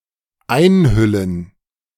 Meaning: to cover, envelop
- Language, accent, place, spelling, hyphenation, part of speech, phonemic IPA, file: German, Germany, Berlin, einhüllen, ein‧hül‧len, verb, /ˈaɪ̯nˌhʏlən/, De-einhüllen.ogg